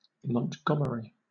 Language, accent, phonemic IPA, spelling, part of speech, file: English, Southern England, /məntˈɡʌm(ə)ɹi/, Montgomery, proper noun, LL-Q1860 (eng)-Montgomery.wav
- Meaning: 1. A surname from Old French 2. Bernard Montgomery (Monty), a British army officer 3. A male given name transferred from the surname